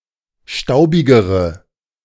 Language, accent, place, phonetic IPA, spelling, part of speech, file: German, Germany, Berlin, [ˈʃtaʊ̯bɪɡəʁə], staubigere, adjective, De-staubigere.ogg
- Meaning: inflection of staubig: 1. strong/mixed nominative/accusative feminine singular comparative degree 2. strong nominative/accusative plural comparative degree